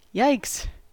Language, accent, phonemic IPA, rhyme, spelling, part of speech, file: English, US, /jaɪks/, -aɪks, yikes, interjection, En-us-yikes.ogg
- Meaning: 1. Expression of shock and alarm 2. Expression of empathy with unpleasant or undesirable circumstances